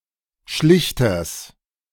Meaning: genitive singular of Schlichter
- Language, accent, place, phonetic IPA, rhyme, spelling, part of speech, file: German, Germany, Berlin, [ˈʃlɪçtɐs], -ɪçtɐs, Schlichters, noun, De-Schlichters.ogg